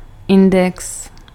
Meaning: 1. index (alphabetical listing of items and their location) 2. index 3. index (a data structure that improves the performance of operations on a table)
- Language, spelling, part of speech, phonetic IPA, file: Czech, index, noun, [ˈɪndɛks], Cs-index.ogg